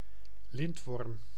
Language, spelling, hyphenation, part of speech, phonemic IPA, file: Dutch, lintworm, lint‧worm, noun, /ˈlɪntʋɔrm/, Nl-lintworm.ogg
- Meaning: tapeworm